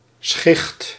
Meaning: 1. dart, arrow, bolt 2. beam of light, flash 3. cincinnus, scorpioid cyme
- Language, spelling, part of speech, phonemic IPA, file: Dutch, schicht, noun, /sxɪxt/, Nl-schicht.ogg